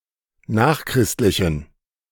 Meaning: inflection of nachchristlich: 1. strong genitive masculine/neuter singular 2. weak/mixed genitive/dative all-gender singular 3. strong/weak/mixed accusative masculine singular 4. strong dative plural
- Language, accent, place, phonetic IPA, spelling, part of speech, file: German, Germany, Berlin, [ˈnaːxˌkʁɪstlɪçn̩], nachchristlichen, adjective, De-nachchristlichen.ogg